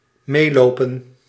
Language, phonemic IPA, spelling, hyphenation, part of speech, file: Dutch, /ˈmeːˌloː.pə(n)/, meelopen, mee‧lo‧pen, verb, Nl-meelopen.ogg
- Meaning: 1. to accompany, to walk along 2. to toady, be a fellow traveller